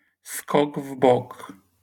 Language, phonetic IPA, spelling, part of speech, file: Polish, [ˈskɔɡ ˈv‿bɔk], skok w bok, noun, LL-Q809 (pol)-skok w bok.wav